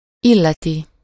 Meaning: third-person singular indicative present definite of illet
- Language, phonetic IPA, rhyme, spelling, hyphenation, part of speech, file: Hungarian, [ˈilːɛti], -ti, illeti, il‧le‧ti, verb, Hu-illeti.ogg